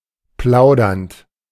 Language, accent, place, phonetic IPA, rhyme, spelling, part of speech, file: German, Germany, Berlin, [ˈplaʊ̯dɐnt], -aʊ̯dɐnt, plaudernd, verb, De-plaudernd.ogg
- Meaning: present participle of plaudern